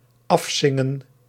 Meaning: to sing to completion
- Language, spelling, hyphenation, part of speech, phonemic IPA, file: Dutch, afzingen, af‧zin‧gen, verb, /ˈɑfˌsɪ.ŋə(n)/, Nl-afzingen.ogg